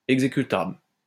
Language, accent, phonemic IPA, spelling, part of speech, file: French, France, /ɛɡ.ze.ky.tabl/, exécutable, adjective, LL-Q150 (fra)-exécutable.wav
- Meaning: executable